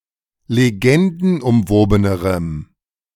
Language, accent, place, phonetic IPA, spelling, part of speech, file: German, Germany, Berlin, [leˈɡɛndn̩ʔʊmˌvoːbənəʁəm], legendenumwobenerem, adjective, De-legendenumwobenerem.ogg
- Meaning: strong dative masculine/neuter singular comparative degree of legendenumwoben